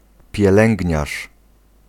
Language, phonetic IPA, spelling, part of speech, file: Polish, [pʲjɛˈlɛ̃ŋʲɟɲaʃ], pielęgniarz, noun, Pl-pielęgniarz.ogg